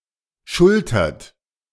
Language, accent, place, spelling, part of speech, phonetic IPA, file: German, Germany, Berlin, schultert, verb, [ˈʃʊltɐt], De-schultert.ogg
- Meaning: inflection of schultern: 1. third-person singular present 2. second-person plural present 3. plural imperative